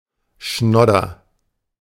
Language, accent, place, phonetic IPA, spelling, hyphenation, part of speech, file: German, Germany, Berlin, [ˈʃnɔdɐ], Schnodder, Schnod‧der, noun, De-Schnodder.ogg
- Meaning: snot